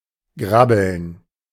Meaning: to grab
- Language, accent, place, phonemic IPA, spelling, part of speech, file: German, Germany, Berlin, /ˈɡrabəln/, grabbeln, verb, De-grabbeln.ogg